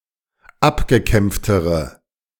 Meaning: inflection of abgekämpft: 1. strong/mixed nominative/accusative feminine singular comparative degree 2. strong nominative/accusative plural comparative degree
- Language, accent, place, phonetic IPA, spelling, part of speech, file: German, Germany, Berlin, [ˈapɡəˌkɛmp͡ftəʁə], abgekämpftere, adjective, De-abgekämpftere.ogg